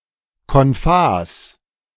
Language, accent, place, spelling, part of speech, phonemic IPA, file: German, Germany, Berlin, konphas, adjective, /kɔnˈfaːs/, De-konphas.ogg
- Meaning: in phase